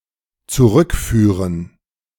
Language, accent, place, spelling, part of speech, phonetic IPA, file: German, Germany, Berlin, zurückführen, verb, [t͡suˈʁʏkˌfyːʁən], De-zurückführen.ogg
- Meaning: 1. to return (to lead/direct someone back to where they came from) 2. to return, to repatriate (to return an object to its original owner, especially to the country of origin)